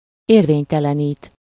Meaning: to annul (formally revoke the validity of)
- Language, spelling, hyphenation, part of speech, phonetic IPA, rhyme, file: Hungarian, érvénytelenít, ér‧vény‧te‧le‧nít, verb, [ˈeːrveːɲtɛlɛniːt], -iːt, Hu-érvénytelenít.ogg